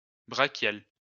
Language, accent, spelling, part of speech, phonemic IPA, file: French, France, brachial, adjective, /bʁa.kjal/, LL-Q150 (fra)-brachial.wav
- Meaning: brachial